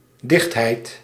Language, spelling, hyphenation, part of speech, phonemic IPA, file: Dutch, dichtheid, dicht‧heid, noun, /ˈdɪxt.ɦɛi̯t/, Nl-dichtheid.ogg
- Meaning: density